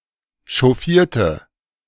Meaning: inflection of chauffieren: 1. first/third-person singular preterite 2. first/third-person singular subjunctive II
- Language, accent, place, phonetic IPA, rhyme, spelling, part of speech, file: German, Germany, Berlin, [ʃɔˈfiːɐ̯tə], -iːɐ̯tə, chauffierte, adjective / verb, De-chauffierte.ogg